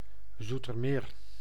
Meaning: a city and municipality of South Holland, Netherlands without city rights
- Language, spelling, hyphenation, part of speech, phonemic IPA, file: Dutch, Zoetermeer, Zoe‧ter‧meer, proper noun, /ˌzu.tərˈmeːr/, Nl-Zoetermeer.ogg